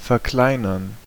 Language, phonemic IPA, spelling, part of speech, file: German, /fɛɐ̯ˈklaɪ̯nɐn/, verkleinern, verb, De-verkleinern.ogg
- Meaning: 1. to make smaller 2. to become smaller 3. to diminish